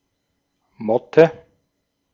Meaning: 1. moth (any nocturnal butterfly) 2. moth (any member of the Tineidae family) 3. the clothing moth (Tineola bisselliella)
- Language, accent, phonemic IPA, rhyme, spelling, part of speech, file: German, Austria, /ˈmɔtə/, -ɔtə, Motte, noun, De-at-Motte.ogg